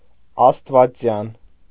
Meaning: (adjective) divine; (noun) deist
- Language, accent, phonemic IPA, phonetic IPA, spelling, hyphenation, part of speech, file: Armenian, Eastern Armenian, /ɑstvɑˈt͡sjɑn/, [ɑstvɑt͡sjɑ́n], աստվածյան, աստ‧վա‧ծյան, adjective / noun, Hy-աստվածյան.ogg